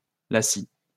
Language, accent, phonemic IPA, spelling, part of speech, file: French, France, /la.si/, lacis, noun, LL-Q150 (fra)-lacis.wav
- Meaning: 1. lacis 2. lacing 3. maze (of alleyways etc.); web, network